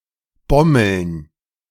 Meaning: plural of Bommel
- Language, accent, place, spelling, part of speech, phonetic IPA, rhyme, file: German, Germany, Berlin, Bommeln, noun, [ˈbɔml̩n], -ɔml̩n, De-Bommeln.ogg